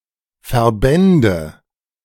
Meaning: first/third-person singular subjunctive II of verbinden
- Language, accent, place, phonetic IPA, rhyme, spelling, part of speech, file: German, Germany, Berlin, [fɛɐ̯ˈbɛndə], -ɛndə, verbände, verb, De-verbände.ogg